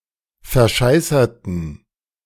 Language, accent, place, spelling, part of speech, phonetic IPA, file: German, Germany, Berlin, verscheißerten, adjective / verb, [fɛɐ̯ˈʃaɪ̯sɐtn̩], De-verscheißerten.ogg
- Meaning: inflection of verscheißern: 1. first/third-person plural preterite 2. first/third-person plural subjunctive II